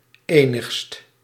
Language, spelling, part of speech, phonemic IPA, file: Dutch, enigst, adjective, /ˈenɪxst/, Nl-enigst.ogg
- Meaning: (adjective) only, single; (pronoun) only one/thing; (adjective) superlative degree of enig